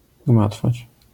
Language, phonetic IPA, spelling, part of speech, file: Polish, [ˈɡmatfat͡ɕ], gmatwać, verb, LL-Q809 (pol)-gmatwać.wav